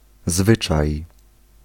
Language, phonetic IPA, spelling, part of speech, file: Polish, [ˈzvɨt͡ʃaj], zwyczaj, noun, Pl-zwyczaj.ogg